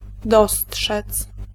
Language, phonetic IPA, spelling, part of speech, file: Polish, [ˈdɔsṭʃɛt͡s], dostrzec, verb, Pl-dostrzec.ogg